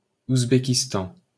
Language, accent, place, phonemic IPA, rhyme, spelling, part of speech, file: French, France, Paris, /uz.be.kis.tɑ̃/, -ɑ̃, Ouzbékistan, proper noun, LL-Q150 (fra)-Ouzbékistan.wav
- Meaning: Uzbekistan (a country in Central Asia)